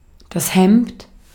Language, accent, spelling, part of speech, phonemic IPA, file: German, Austria, Hemd, noun, /hɛmt/, De-at-Hemd.ogg
- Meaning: 1. shirt 2. shirt: dress shirt